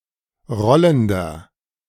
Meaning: inflection of rollend: 1. strong/mixed nominative masculine singular 2. strong genitive/dative feminine singular 3. strong genitive plural
- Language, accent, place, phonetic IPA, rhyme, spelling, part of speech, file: German, Germany, Berlin, [ˈʁɔləndɐ], -ɔləndɐ, rollender, adjective, De-rollender.ogg